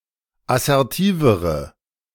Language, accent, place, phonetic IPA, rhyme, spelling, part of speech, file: German, Germany, Berlin, [asɛʁˈtiːvəʁə], -iːvəʁə, assertivere, adjective, De-assertivere.ogg
- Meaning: inflection of assertiv: 1. strong/mixed nominative/accusative feminine singular comparative degree 2. strong nominative/accusative plural comparative degree